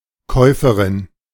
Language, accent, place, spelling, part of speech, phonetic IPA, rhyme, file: German, Germany, Berlin, Käuferin, noun, [ˈkɔɪ̯fəʁɪn], -ɔɪ̯fəʁɪn, De-Käuferin.ogg
- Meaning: shopper, buyer